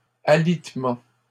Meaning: bed rest
- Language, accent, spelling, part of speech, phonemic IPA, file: French, Canada, alitement, noun, /a.lit.mɑ̃/, LL-Q150 (fra)-alitement.wav